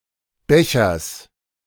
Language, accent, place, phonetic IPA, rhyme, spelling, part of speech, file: German, Germany, Berlin, [ˈbɛçɐs], -ɛçɐs, Bechers, noun, De-Bechers.ogg
- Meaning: genitive singular of Becher